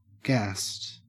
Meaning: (adjective) 1. In a gaseous state 2. Drunk; intoxicated by alcohol 3. High; intoxicated by psychoactive drugs 4. Exhausted 5. Happy 6. Excited; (verb) simple past and past participle of gas
- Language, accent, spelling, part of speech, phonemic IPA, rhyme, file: English, Australia, gassed, adjective / verb, /ɡæst/, -æst, En-au-gassed.ogg